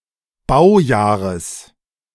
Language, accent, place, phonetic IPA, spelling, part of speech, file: German, Germany, Berlin, [ˈbaʊ̯ˌjaːʁəs], Baujahres, noun, De-Baujahres.ogg
- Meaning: genitive singular of Baujahr